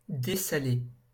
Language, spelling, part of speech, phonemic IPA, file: French, dessaler, verb, /de.sa.le/, LL-Q150 (fra)-dessaler.wav
- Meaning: to desalt